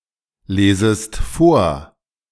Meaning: second-person singular subjunctive I of vorlesen
- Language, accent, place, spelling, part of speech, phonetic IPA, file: German, Germany, Berlin, lesest vor, verb, [ˌleːzəst ˈfoːɐ̯], De-lesest vor.ogg